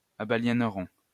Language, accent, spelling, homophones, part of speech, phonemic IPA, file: French, France, abaliéneront, abaliénerons, verb, /a.ba.ljɛn.ʁɔ̃/, LL-Q150 (fra)-abaliéneront.wav
- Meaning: third-person plural simple future of abaliéner